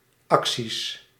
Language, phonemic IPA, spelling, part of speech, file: Dutch, /ˈɑksis/, acties, noun, Nl-acties.ogg
- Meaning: plural of actie